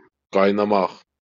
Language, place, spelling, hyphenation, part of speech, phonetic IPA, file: Azerbaijani, Baku, qaynamaq, qay‧na‧maq, verb, [ɡɑjnɑˈmɑχ], LL-Q9292 (aze)-qaynamaq.wav
- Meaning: 1. to boil 2. to simmer, to bubble